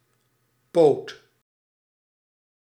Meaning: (noun) 1. limb (arm or leg) of an animal (sometimes human) 2. leg or foot 3. hand 4. leg of an object, e.g. furniture 5. homosexual man
- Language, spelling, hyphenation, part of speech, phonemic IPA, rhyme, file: Dutch, poot, poot, noun / verb, /poːt/, -oːt, Nl-poot.ogg